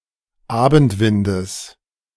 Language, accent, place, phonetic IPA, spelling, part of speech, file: German, Germany, Berlin, [ˈaːbn̩tˌvɪndəs], Abendwindes, noun, De-Abendwindes.ogg
- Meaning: genitive singular of Abendwind